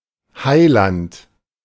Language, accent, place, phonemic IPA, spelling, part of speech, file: German, Germany, Berlin, /ˈhaɪ̯ˌlant/, Heiland, noun, De-Heiland.ogg
- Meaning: savior